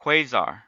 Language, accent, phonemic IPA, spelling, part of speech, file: English, US, /ˈkweɪ.zɑɹ/, quasar, noun, En-us-quasar.ogg
- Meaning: An extragalactic object, starlike in appearance, that is among the most luminous and (putatively) the most distant objects in the universe